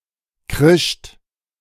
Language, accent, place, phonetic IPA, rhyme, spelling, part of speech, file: German, Germany, Berlin, [kʁɪʃt], -ɪʃt, krischt, verb, De-krischt.ogg
- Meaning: second-person plural preterite of kreischen